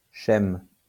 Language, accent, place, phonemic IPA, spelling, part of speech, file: French, France, Lyon, /ʃɛm/, schème, noun, LL-Q150 (fra)-schème.wav
- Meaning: alternative form of schéma